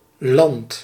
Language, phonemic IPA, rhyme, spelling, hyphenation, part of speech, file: Dutch, /lɑnt/, -ɑnt, land, land, noun / verb, Nl-land.ogg
- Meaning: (noun) 1. land, country, realm, territory 2. land (part of Earth not covered by water)